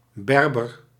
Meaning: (noun) Berber, Berber person; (proper noun) Berber, Berber languages
- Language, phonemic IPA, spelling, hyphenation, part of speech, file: Dutch, /ˈbɛr.bər/, Berber, Ber‧ber, noun / proper noun, Nl-Berber.ogg